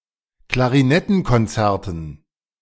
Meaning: dative plural of Klarinettenkonzert
- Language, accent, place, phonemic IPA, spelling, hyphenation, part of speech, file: German, Germany, Berlin, /klaʁiˈnɛtn̩kɔnˌt͡sɛʁtn̩/, Klarinettenkonzerten, Kla‧ri‧net‧ten‧kon‧zer‧ten, noun, De-Klarinettenkonzerten.ogg